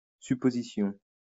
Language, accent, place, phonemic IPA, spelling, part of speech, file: French, France, Lyon, /sy.po.zi.sjɔ̃/, supposition, noun, LL-Q150 (fra)-supposition.wav
- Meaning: supposition